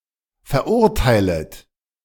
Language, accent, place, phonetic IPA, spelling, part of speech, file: German, Germany, Berlin, [fɛɐ̯ˈʔʊʁtaɪ̯lət], verurteilet, verb, De-verurteilet.ogg
- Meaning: second-person plural subjunctive I of verurteilen